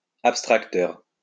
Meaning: abstracter
- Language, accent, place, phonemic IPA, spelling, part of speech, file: French, France, Lyon, /ap.stʁak.tœʁ/, abstracteur, noun, LL-Q150 (fra)-abstracteur.wav